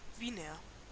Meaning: 1. an inhabitant of Vienna 2. wiener, clipping of Wiener Würstchen
- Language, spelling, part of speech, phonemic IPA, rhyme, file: German, Wiener, noun, /ˈviːnɐ/, -iːnɐ, De-Wiener.ogg